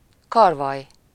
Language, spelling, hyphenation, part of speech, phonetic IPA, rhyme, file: Hungarian, karvaly, kar‧valy, noun, [ˈkɒrvɒj], -ɒj, Hu-karvaly.ogg
- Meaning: sparrow hawk